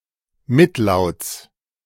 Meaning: genitive singular of Mitlaut
- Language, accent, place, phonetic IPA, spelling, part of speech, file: German, Germany, Berlin, [ˈmɪtˌlaʊ̯t͡s], Mitlauts, noun, De-Mitlauts.ogg